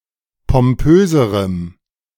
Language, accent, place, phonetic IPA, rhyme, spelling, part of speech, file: German, Germany, Berlin, [pɔmˈpøːzəʁəm], -øːzəʁəm, pompöserem, adjective, De-pompöserem.ogg
- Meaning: strong dative masculine/neuter singular comparative degree of pompös